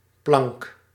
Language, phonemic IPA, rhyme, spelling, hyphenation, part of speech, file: Dutch, /plɑŋk/, -ɑŋk, plank, plank, noun, Nl-plank.ogg
- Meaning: 1. shelf 2. plank